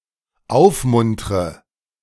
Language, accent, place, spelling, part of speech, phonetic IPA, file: German, Germany, Berlin, aufmuntre, verb, [ˈaʊ̯fˌmʊntʁə], De-aufmuntre.ogg
- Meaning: inflection of aufmuntern: 1. first-person singular dependent present 2. first/third-person singular dependent subjunctive I